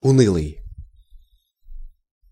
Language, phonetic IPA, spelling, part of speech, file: Russian, [ʊˈnɨɫɨj], унылый, adjective, Ru-унылый.ogg
- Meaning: gloomy, depressing, bleak